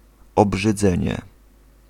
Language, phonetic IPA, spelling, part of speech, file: Polish, [ˌɔbʒɨˈd͡zɛ̃ɲɛ], obrzydzenie, noun, Pl-obrzydzenie.ogg